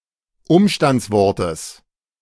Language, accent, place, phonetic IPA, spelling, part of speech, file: German, Germany, Berlin, [ˈʊmʃtant͡sˌvɔʁtəs], Umstandswortes, noun, De-Umstandswortes.ogg
- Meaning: genitive singular of Umstandswort